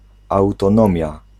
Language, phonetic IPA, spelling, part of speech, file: Polish, [ˌawtɔ̃ˈnɔ̃mʲja], autonomia, noun, Pl-autonomia.ogg